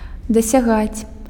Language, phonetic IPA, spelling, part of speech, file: Belarusian, [dasʲaˈɣat͡sʲ], дасягаць, verb, Be-дасягаць.ogg
- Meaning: to achieve, to accomplish, to attain, to reach